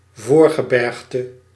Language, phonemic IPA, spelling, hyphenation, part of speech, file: Dutch, /ˈvoːr.ɣəˌbɛrx.tə/, voorgebergte, voor‧ge‧berg‧te, noun, Nl-voorgebergte.ogg
- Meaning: 1. cape, promontory (in particular a mountainous one) 2. region of foothills or lower mountains near a mountain range